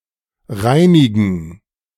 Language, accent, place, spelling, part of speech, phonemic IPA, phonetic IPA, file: German, Germany, Berlin, reinigen, verb, /ˈʁaɪ̯niɡən/, [ˈʁaɪ̯niɡŋ̍], De-reinigen3.ogg
- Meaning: to clean